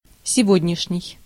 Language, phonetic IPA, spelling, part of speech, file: Russian, [sʲɪˈvodʲnʲɪʂnʲɪj], сегодняшний, adjective, Ru-сегодняшний.ogg
- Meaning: 1. today's, of this day 2. today's, present